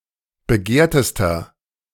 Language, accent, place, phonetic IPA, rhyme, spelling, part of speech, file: German, Germany, Berlin, [bəˈɡeːɐ̯təstɐ], -eːɐ̯təstɐ, begehrtester, adjective, De-begehrtester.ogg
- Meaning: inflection of begehrt: 1. strong/mixed nominative masculine singular superlative degree 2. strong genitive/dative feminine singular superlative degree 3. strong genitive plural superlative degree